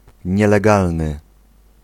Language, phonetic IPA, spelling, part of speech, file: Polish, [ˌɲɛlɛˈɡalnɨ], nielegalny, adjective, Pl-nielegalny.ogg